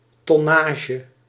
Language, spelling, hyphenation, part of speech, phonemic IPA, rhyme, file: Dutch, tonnage, ton‧na‧ge, noun, /ˌtɔˈnaː.ʒə/, -aːʒə, Nl-tonnage.ogg
- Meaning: 1. tonnage (water displacement of a ship measured in tons) 2. tonnage (cargo capacity of a ship's hold)